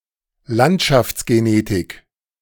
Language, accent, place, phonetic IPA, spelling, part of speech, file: German, Germany, Berlin, [ˈlantʃaft͡sɡeˌneːtɪk], Landschaftsgenetik, noun, De-Landschaftsgenetik.ogg
- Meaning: landscape genetics